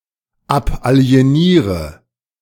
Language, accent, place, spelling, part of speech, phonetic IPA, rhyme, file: German, Germany, Berlin, abalieniere, verb, [ˌapʔali̯eˈniːʁə], -iːʁə, De-abalieniere.ogg
- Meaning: inflection of abalienieren: 1. first-person singular present 2. first/third-person singular subjunctive I 3. singular imperative